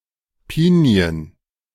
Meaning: plural of Pinie
- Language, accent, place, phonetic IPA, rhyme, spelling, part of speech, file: German, Germany, Berlin, [ˈpiːni̯ən], -iːni̯ən, Pinien, noun, De-Pinien.ogg